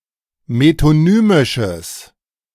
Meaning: strong/mixed nominative/accusative neuter singular of metonymisch
- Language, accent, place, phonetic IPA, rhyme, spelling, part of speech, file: German, Germany, Berlin, [metoˈnyːmɪʃəs], -yːmɪʃəs, metonymisches, adjective, De-metonymisches.ogg